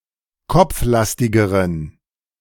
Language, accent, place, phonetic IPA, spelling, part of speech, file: German, Germany, Berlin, [ˈkɔp͡fˌlastɪɡəʁən], kopflastigeren, adjective, De-kopflastigeren.ogg
- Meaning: inflection of kopflastig: 1. strong genitive masculine/neuter singular comparative degree 2. weak/mixed genitive/dative all-gender singular comparative degree